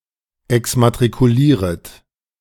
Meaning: second-person plural subjunctive I of exmatrikulieren
- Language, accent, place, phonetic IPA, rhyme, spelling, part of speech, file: German, Germany, Berlin, [ɛksmatʁikuˈliːʁət], -iːʁət, exmatrikulieret, verb, De-exmatrikulieret.ogg